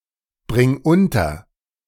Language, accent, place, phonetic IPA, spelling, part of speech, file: German, Germany, Berlin, [ˌbʁɪŋ ˈʊntɐ], bring unter, verb, De-bring unter.ogg
- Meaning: singular imperative of unterbringen